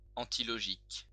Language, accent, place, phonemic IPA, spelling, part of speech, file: French, France, Lyon, /ɑ̃.ti.lɔ.ʒik/, antilogique, adjective, LL-Q150 (fra)-antilogique.wav
- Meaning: antilogical